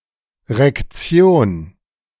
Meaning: case government
- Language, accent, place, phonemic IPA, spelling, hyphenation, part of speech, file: German, Germany, Berlin, /ʁɛkˈt͡si̯oːn/, Rektion, Rek‧ti‧on, noun, De-Rektion.ogg